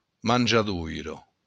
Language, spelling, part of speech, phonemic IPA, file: Occitan, manjadoira, noun, /mand͡ʒaˈðujɾo/, LL-Q942602-manjadoira.wav
- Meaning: manger